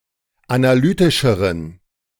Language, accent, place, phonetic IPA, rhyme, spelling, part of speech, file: German, Germany, Berlin, [anaˈlyːtɪʃəʁən], -yːtɪʃəʁən, analytischeren, adjective, De-analytischeren.ogg
- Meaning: inflection of analytisch: 1. strong genitive masculine/neuter singular comparative degree 2. weak/mixed genitive/dative all-gender singular comparative degree